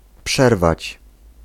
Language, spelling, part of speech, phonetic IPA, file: Polish, przerwać, verb, [ˈpʃɛrvat͡ɕ], Pl-przerwać.ogg